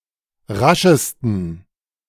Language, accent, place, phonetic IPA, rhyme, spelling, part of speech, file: German, Germany, Berlin, [ˈʁaʃəstn̩], -aʃəstn̩, raschesten, adjective, De-raschesten.ogg
- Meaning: 1. superlative degree of rasch 2. inflection of rasch: strong genitive masculine/neuter singular superlative degree